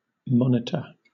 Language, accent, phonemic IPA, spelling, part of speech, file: English, Southern England, /ˈmɒn.ɪ.tə/, monitor, noun / verb, LL-Q1860 (eng)-monitor.wav
- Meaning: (noun) 1. Someone who watches over something; a person in charge of something or someone 2. A device that detects and informs on the presence, quantity, etc., of something